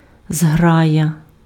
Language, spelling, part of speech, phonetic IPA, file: Ukrainian, зграя, noun, [ˈzɦrajɐ], Uk-зграя.ogg
- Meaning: 1. pack (of wolves or dogs) 2. flight, flock (of birds) 3. school (a group of fish)